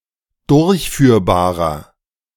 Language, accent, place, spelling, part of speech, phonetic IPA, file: German, Germany, Berlin, durchführbarer, adjective, [ˈdʊʁçˌfyːɐ̯baːʁɐ], De-durchführbarer.ogg
- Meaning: inflection of durchführbar: 1. strong/mixed nominative masculine singular 2. strong genitive/dative feminine singular 3. strong genitive plural